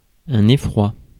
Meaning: terror, dread
- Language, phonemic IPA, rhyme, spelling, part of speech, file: French, /e.fʁwa/, -a, effroi, noun, Fr-effroi.ogg